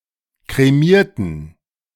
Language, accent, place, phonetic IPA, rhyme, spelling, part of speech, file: German, Germany, Berlin, [kʁeˈmiːɐ̯tn̩], -iːɐ̯tn̩, kremierten, adjective / verb, De-kremierten.ogg
- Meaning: inflection of kremieren: 1. first/third-person plural preterite 2. first/third-person plural subjunctive II